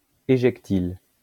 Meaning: ejectile
- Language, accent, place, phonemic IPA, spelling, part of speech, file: French, France, Lyon, /e.ʒɛk.til/, éjectile, noun, LL-Q150 (fra)-éjectile.wav